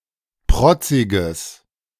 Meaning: strong/mixed nominative/accusative neuter singular of protzig
- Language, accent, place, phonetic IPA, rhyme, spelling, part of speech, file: German, Germany, Berlin, [ˈpʁɔt͡sɪɡəs], -ɔt͡sɪɡəs, protziges, adjective, De-protziges.ogg